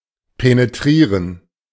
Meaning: to penetrate
- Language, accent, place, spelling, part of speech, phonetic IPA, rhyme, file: German, Germany, Berlin, penetrieren, verb, [peneˈtʁiːʁən], -iːʁən, De-penetrieren.ogg